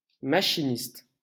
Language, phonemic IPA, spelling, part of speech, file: French, /ma.ʃi.nist/, machiniste, noun, LL-Q150 (fra)-machiniste.wav
- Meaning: 1. machine operator, machinist 2. grip (person responsible for handling equipment on a film set)